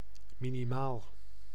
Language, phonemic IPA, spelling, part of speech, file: Dutch, /ˈminimal/, minimaal, adjective / adverb, Nl-minimaal.ogg
- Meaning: minimal